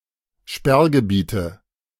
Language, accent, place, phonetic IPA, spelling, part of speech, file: German, Germany, Berlin, [ˈʃpɛʁɡəˌbiːtə], Sperrgebiete, noun, De-Sperrgebiete.ogg
- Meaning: nominative/accusative/genitive plural of Sperrgebiet